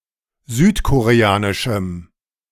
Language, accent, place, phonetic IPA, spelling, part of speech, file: German, Germany, Berlin, [ˈzyːtkoʁeˌaːnɪʃm̩], südkoreanischem, adjective, De-südkoreanischem.ogg
- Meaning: strong dative masculine/neuter singular of südkoreanisch